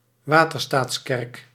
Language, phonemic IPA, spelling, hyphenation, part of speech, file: Dutch, /ˈʋaː.tər.staːtsˌkɛrk/, waterstaatskerk, wa‧ter‧staats‧kerk, noun, Nl-waterstaatskerk.ogg